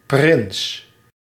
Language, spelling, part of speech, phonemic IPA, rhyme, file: Dutch, prins, noun, /prɪns/, -ɪns, Nl-prins.ogg
- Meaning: prince